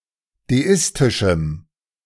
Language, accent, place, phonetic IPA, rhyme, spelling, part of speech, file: German, Germany, Berlin, [deˈɪstɪʃm̩], -ɪstɪʃm̩, deistischem, adjective, De-deistischem.ogg
- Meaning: strong dative masculine/neuter singular of deistisch